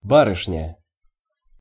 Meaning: young lady, miss
- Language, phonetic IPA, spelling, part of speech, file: Russian, [ˈbarɨʂnʲə], барышня, noun, Ru-барышня.ogg